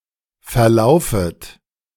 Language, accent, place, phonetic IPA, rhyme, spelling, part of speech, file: German, Germany, Berlin, [fɛɐ̯ˈlaʊ̯fət], -aʊ̯fət, verlaufet, verb, De-verlaufet.ogg
- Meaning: second-person plural subjunctive I of verlaufen